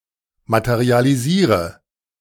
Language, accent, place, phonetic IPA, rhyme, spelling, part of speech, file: German, Germany, Berlin, [ˌmatəʁialiˈziːʁə], -iːʁə, materialisiere, verb, De-materialisiere.ogg
- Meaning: inflection of materialisieren: 1. first-person singular present 2. singular imperative 3. first/third-person singular subjunctive I